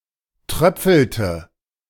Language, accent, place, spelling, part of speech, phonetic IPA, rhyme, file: German, Germany, Berlin, tröpfelte, verb, [ˈtʁœp͡fl̩tə], -œp͡fl̩tə, De-tröpfelte.ogg
- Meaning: inflection of tröpfeln: 1. first/third-person singular preterite 2. first/third-person singular subjunctive II